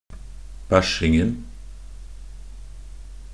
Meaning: definite masculine singular of bæsjing
- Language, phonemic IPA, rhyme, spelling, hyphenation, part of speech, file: Norwegian Bokmål, /ˈbæʃɪŋn̩/, -ɪŋn̩, bæsjingen, bæsj‧ing‧en, noun, Nb-bæsjingen.ogg